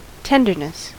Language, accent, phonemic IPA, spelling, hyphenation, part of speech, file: English, US, /ˈtɛn.dɚ.nɪs/, tenderness, ten‧der‧ness, noun, En-us-tenderness.ogg
- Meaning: 1. Quality, state or condition of being tender 2. A tendency to express warm, compassionate feelings 3. A concern for the feelings or welfare of others